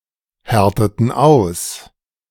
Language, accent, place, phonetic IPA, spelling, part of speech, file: German, Germany, Berlin, [ˌhɛʁtətn̩ ˈaʊ̯s], härteten aus, verb, De-härteten aus.ogg
- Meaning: inflection of aushärten: 1. first/third-person plural preterite 2. first/third-person plural subjunctive II